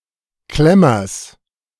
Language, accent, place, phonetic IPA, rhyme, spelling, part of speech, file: German, Germany, Berlin, [ˈklɛmɐs], -ɛmɐs, Klemmers, noun, De-Klemmers.ogg
- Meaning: genitive of Klemmer